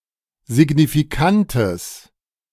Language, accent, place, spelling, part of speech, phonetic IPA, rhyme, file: German, Germany, Berlin, signifikantes, adjective, [zɪɡnifiˈkantəs], -antəs, De-signifikantes.ogg
- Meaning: strong/mixed nominative/accusative neuter singular of signifikant